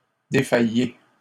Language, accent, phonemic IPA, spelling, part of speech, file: French, Canada, /de.fa.je/, défaillez, verb, LL-Q150 (fra)-défaillez.wav
- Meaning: inflection of défaillir: 1. second-person plural present indicative 2. second-person plural imperative